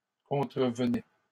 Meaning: third-person singular imperfect indicative of contrevenir
- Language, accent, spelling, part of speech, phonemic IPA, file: French, Canada, contrevenait, verb, /kɔ̃.tʁə.v(ə).nɛ/, LL-Q150 (fra)-contrevenait.wav